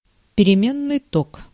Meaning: time-varying current (electric current which changes with time, e.g. alternating current)
- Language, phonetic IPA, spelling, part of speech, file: Russian, [pʲɪrʲɪˈmʲenːɨj ˈtok], переменный ток, noun, Ru-переменный ток.ogg